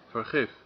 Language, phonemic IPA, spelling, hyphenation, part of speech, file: Dutch, /vərˈɣɪf/, vergif, ver‧gif, noun, Nl-vergif.ogg
- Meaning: poison